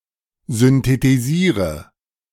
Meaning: inflection of synthetisieren: 1. first-person singular present 2. singular imperative 3. first/third-person singular subjunctive I
- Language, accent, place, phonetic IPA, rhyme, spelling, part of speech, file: German, Germany, Berlin, [zʏntetiˈziːʁə], -iːʁə, synthetisiere, verb, De-synthetisiere.ogg